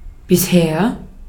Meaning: so far, until now, as yet
- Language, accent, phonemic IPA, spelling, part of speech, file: German, Austria, /bɪsˈheːɐ̯/, bisher, adverb, De-at-bisher.ogg